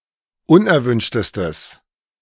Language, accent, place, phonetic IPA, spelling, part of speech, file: German, Germany, Berlin, [ˈʊnʔɛɐ̯ˌvʏnʃtəstəs], unerwünschtestes, adjective, De-unerwünschtestes.ogg
- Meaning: strong/mixed nominative/accusative neuter singular superlative degree of unerwünscht